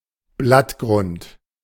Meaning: leafbase
- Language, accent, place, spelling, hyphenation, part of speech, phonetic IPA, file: German, Germany, Berlin, Blattgrund, Blatt‧grund, noun, [ˈblatˌɡʁʊnt], De-Blattgrund.ogg